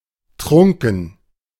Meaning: drunk, intoxicated
- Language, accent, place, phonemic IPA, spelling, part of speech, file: German, Germany, Berlin, /ˈtʁʊŋkn̩/, trunken, adjective, De-trunken.ogg